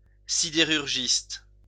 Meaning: steelworker
- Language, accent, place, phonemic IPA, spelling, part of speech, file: French, France, Lyon, /si.de.ʁyʁ.ʒist/, sidérurgiste, noun, LL-Q150 (fra)-sidérurgiste.wav